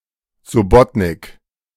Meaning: subbotnik
- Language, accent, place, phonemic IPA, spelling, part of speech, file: German, Germany, Berlin, /zʊˈbɔtnɪk/, Subbotnik, noun, De-Subbotnik.ogg